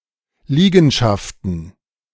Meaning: plural of Liegenschaft
- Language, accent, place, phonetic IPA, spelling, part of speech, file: German, Germany, Berlin, [ˈliːɡn̩ʃaftn̩], Liegenschaften, noun, De-Liegenschaften.ogg